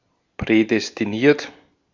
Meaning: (verb) past participle of prädestinieren; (adjective) predestined
- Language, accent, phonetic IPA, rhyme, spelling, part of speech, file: German, Austria, [ˌpʁɛdɛstiˈniːɐ̯t], -iːɐ̯t, prädestiniert, adjective / verb, De-at-prädestiniert.ogg